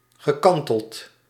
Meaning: past participle of kantelen
- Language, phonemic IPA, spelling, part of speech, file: Dutch, /ɣəˈkɑntəlt/, gekanteld, verb, Nl-gekanteld.ogg